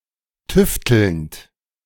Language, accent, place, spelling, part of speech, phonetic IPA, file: German, Germany, Berlin, tüftelnd, verb, [ˈtʏftl̩nt], De-tüftelnd.ogg
- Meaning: present participle of tüfteln